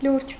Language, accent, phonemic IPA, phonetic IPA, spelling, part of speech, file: Armenian, Eastern Armenian, /luɾd͡ʒ/, [luɾd͡ʒ], լուրջ, adjective / adverb, Hy-լուրջ.ogg
- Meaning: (adjective) 1. serious 2. blue; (adverb) seriously